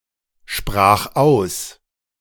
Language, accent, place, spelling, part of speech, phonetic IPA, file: German, Germany, Berlin, sprach aus, verb, [ˌʃpʁaːχ ˈaʊ̯s], De-sprach aus.ogg
- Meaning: first/third-person singular preterite of aussprechen